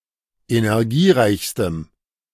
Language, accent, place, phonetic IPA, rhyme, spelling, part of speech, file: German, Germany, Berlin, [enɛʁˈɡiːˌʁaɪ̯çstəm], -iːʁaɪ̯çstəm, energiereichstem, adjective, De-energiereichstem.ogg
- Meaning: strong dative masculine/neuter singular superlative degree of energiereich